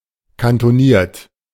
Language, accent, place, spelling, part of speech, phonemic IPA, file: German, Germany, Berlin, kantoniert, adjective, /kantoˈniːɐ̯t/, De-kantoniert.ogg
- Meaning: cantoned